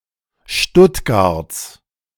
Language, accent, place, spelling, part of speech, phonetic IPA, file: German, Germany, Berlin, Stuttgarts, noun, [ˈʃtʊtɡaʁt͡s], De-Stuttgarts.ogg
- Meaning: genitive singular of Stuttgart